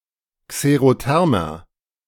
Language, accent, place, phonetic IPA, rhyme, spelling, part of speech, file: German, Germany, Berlin, [kseʁoˈtɛʁmɐ], -ɛʁmɐ, xerothermer, adjective, De-xerothermer.ogg
- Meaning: 1. comparative degree of xerotherm 2. inflection of xerotherm: strong/mixed nominative masculine singular 3. inflection of xerotherm: strong genitive/dative feminine singular